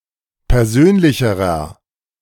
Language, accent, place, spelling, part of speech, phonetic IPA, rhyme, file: German, Germany, Berlin, persönlicherer, adjective, [pɛʁˈzøːnlɪçəʁɐ], -øːnlɪçəʁɐ, De-persönlicherer.ogg
- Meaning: inflection of persönlich: 1. strong/mixed nominative masculine singular comparative degree 2. strong genitive/dative feminine singular comparative degree 3. strong genitive plural comparative degree